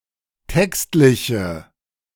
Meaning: inflection of textlich: 1. strong/mixed nominative/accusative feminine singular 2. strong nominative/accusative plural 3. weak nominative all-gender singular
- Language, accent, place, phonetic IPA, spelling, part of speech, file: German, Germany, Berlin, [ˈtɛkstlɪçə], textliche, adjective, De-textliche.ogg